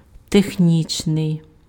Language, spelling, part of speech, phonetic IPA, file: Ukrainian, технічний, adjective, [texˈnʲit͡ʃnei̯], Uk-технічний.ogg
- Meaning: technical